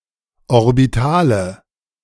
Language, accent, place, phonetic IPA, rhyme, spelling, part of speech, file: German, Germany, Berlin, [ɔʁbiˈtaːlə], -aːlə, Orbitale, noun, De-Orbitale.ogg
- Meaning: nominative/accusative/genitive plural of Orbital